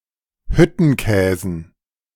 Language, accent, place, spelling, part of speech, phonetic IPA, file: German, Germany, Berlin, Hüttenkäsen, noun, [ˈhʏtn̩ˌkɛːzn̩], De-Hüttenkäsen.ogg
- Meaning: dative plural of Hüttenkäse